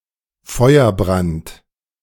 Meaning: fire blight
- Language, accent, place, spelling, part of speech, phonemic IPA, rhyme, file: German, Germany, Berlin, Feuerbrand, noun, /ˈfɔʏ̯ərˌbʁant/, -ant, De-Feuerbrand.ogg